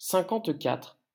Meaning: fifty-four
- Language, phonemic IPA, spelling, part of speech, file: French, /sɛ̃.kɑ̃t.katʁ/, cinquante-quatre, numeral, LL-Q150 (fra)-cinquante-quatre.wav